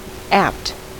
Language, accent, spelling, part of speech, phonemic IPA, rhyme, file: English, General American, apt, adjective, /æpt/, -æpt, En-us-apt.ogg
- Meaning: 1. Suitable; appropriate; fit or fitted; suited 2. Having a habitual tendency; habitually liable or likely; disposed towards 3. Ready; especially fitted or qualified (to do something); quick to learn